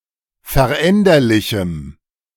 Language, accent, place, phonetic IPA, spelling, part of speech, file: German, Germany, Berlin, [fɛɐ̯ˈʔɛndɐlɪçm̩], veränderlichem, adjective, De-veränderlichem.ogg
- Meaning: strong dative masculine/neuter singular of veränderlich